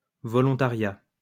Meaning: volunteering (action of volunteering)
- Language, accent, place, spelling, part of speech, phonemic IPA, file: French, France, Lyon, volontariat, noun, /vɔ.lɔ̃.ta.ʁja/, LL-Q150 (fra)-volontariat.wav